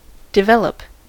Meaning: 1. To discover, find out; to uncover 2. To change with a specific direction, progress 3. To progress through a sequence of stages 4. To advance; to further; to promote the growth of 5. To create
- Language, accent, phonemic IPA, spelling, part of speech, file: English, US, /dɪˈvɛl.əp/, develop, verb, En-us-develop.ogg